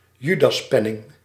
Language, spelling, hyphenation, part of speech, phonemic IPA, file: Dutch, judaspenning, ju‧das‧pen‧ning, noun, /ˈjy.dɑsˌpɛ.nɪŋ/, Nl-judaspenning.ogg
- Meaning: 1. honesty (any plant of the genus Lunaria) 2. synonym of tuinjudaspenning (“annual honesty (Lunaria annua)”)